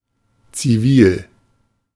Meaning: 1. civil 2. civilian
- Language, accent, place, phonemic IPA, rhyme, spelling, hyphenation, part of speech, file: German, Germany, Berlin, /t͡siˈviːl/, -iːl, zivil, zi‧vil, adjective, De-zivil.ogg